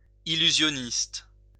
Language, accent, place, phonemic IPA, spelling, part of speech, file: French, France, Lyon, /i.ly.zjɔ.nist/, illusionniste, noun, LL-Q150 (fra)-illusionniste.wav
- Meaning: conjuror, illusionist (performer)